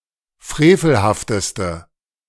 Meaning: inflection of frevelhaft: 1. strong/mixed nominative/accusative feminine singular superlative degree 2. strong nominative/accusative plural superlative degree
- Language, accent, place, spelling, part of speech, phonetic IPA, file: German, Germany, Berlin, frevelhafteste, adjective, [ˈfʁeːfl̩haftəstə], De-frevelhafteste.ogg